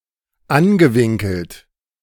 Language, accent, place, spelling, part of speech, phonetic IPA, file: German, Germany, Berlin, angewinkelt, adjective / verb, [ˈanɡəˌvɪŋkl̩t], De-angewinkelt.ogg
- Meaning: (verb) past participle of anwinkeln; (adjective) bent